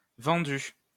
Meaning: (verb) past participle of vendre; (adjective) corrupt; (noun) a sellout (sense 2); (interjection) it's a deal! deal!
- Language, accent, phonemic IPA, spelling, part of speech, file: French, France, /vɑ̃.dy/, vendu, verb / adjective / noun / interjection, LL-Q150 (fra)-vendu.wav